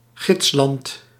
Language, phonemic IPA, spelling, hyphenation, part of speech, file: Dutch, /ˈɣɪts.lɑnt/, gidsland, gids‧land, noun, Nl-gidsland.ogg
- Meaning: exemplary country